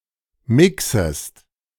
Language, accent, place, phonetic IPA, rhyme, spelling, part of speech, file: German, Germany, Berlin, [ˈmɪksəst], -ɪksəst, mixest, verb, De-mixest.ogg
- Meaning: second-person singular subjunctive I of mixen